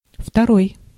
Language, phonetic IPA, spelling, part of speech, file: Russian, [ftɐˈroj], второй, adjective, Ru-второй.ogg
- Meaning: 1. second 2. upper